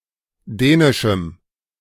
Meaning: strong dative masculine/neuter singular of dänisch
- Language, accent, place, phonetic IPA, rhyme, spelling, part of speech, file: German, Germany, Berlin, [ˈdɛːnɪʃm̩], -ɛːnɪʃm̩, dänischem, adjective, De-dänischem.ogg